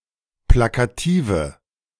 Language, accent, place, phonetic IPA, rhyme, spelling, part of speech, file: German, Germany, Berlin, [ˌplakaˈtiːvə], -iːvə, plakative, adjective, De-plakative.ogg
- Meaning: inflection of plakativ: 1. strong/mixed nominative/accusative feminine singular 2. strong nominative/accusative plural 3. weak nominative all-gender singular